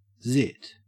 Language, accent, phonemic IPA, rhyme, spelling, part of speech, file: English, Australia, /ˈzɪt/, -ɪt, zit, noun, En-au-zit.ogg
- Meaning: Pimple